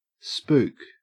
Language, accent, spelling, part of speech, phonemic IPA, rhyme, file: English, Australia, spook, noun / verb, /spuːk/, -uːk, En-au-spook.ogg
- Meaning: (noun) 1. A ghost or phantom 2. A scare or fright 3. An undercover agent, spy, or intelligence analyst 4. A black person 5. A metaphysical manifestation; an artificial distinction or construct